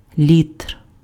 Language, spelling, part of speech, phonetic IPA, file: Ukrainian, літр, noun, [lʲitr], Uk-літр.ogg
- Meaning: liter